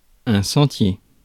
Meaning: path; pathway
- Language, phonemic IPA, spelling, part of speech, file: French, /sɑ̃.tje/, sentier, noun, Fr-sentier.ogg